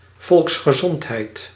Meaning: 1. public health 2. department of health
- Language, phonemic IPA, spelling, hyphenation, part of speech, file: Dutch, /ˌvɔlks.xəˈzɔnt.ɦɛi̯t/, volksgezondheid, volks‧ge‧zond‧heid, noun, Nl-volksgezondheid.ogg